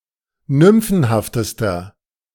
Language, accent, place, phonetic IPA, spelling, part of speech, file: German, Germany, Berlin, [ˈnʏmfn̩haftəstɐ], nymphenhaftester, adjective, De-nymphenhaftester.ogg
- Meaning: inflection of nymphenhaft: 1. strong/mixed nominative masculine singular superlative degree 2. strong genitive/dative feminine singular superlative degree 3. strong genitive plural superlative degree